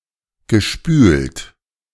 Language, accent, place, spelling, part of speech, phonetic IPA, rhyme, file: German, Germany, Berlin, gespült, verb, [ɡəˈʃpyːlt], -yːlt, De-gespült.ogg
- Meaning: past participle of spülen